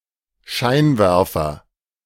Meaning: 1. spotlight 2. headlight 3. headlamp 4. floodlight 5. searchlight
- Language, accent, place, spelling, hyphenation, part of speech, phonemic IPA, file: German, Germany, Berlin, Scheinwerfer, Schein‧wer‧fer, noun, /ˈʃaɪ̯nˌvɛʁfɐ/, De-Scheinwerfer.ogg